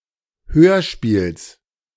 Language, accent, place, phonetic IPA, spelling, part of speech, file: German, Germany, Berlin, [ˈhøːɐ̯ˌʃpiːls], Hörspiels, noun, De-Hörspiels.ogg
- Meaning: genitive singular of Hörspiel